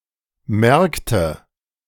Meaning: nominative/accusative/genitive plural of Markt
- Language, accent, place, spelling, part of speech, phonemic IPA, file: German, Germany, Berlin, Märkte, noun, /ˈmɛɐ̯kˌtə/, De-Märkte.ogg